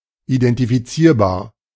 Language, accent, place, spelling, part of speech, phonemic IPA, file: German, Germany, Berlin, identifizierbar, adjective, /idɛntifiˈt͡siːɐ̯baːɐ̯/, De-identifizierbar.ogg
- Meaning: identifiable